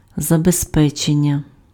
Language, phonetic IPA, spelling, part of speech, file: Ukrainian, [zɐbezˈpɛt͡ʃenʲːɐ], забезпечення, noun, Uk-забезпечення.ogg
- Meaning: 1. verbal noun of забезпе́чити pf (zabezpéčyty) 2. security, insurance, safety